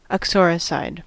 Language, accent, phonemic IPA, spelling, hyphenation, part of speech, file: English, US, /ʌkˈsɔː.ɹɪˌsaɪd/, uxoricide, ux‧or‧i‧cide, noun, En-us-uxoricide.ogg
- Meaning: 1. One who murders one's wife 2. The murdering of one's own wife